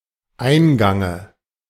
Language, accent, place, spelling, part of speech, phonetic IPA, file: German, Germany, Berlin, Eingange, noun, [ˈaɪ̯nˌɡaŋə], De-Eingange.ogg
- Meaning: dative singular of Eingang